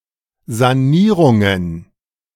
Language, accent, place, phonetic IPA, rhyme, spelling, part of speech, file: German, Germany, Berlin, [zaˈniːʁʊŋən], -iːʁʊŋən, Sanierungen, noun, De-Sanierungen.ogg
- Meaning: plural of Sanierung